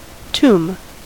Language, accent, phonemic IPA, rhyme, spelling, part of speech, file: English, US, /tum/, -uːm, tomb, noun / verb, En-us-tomb.ogg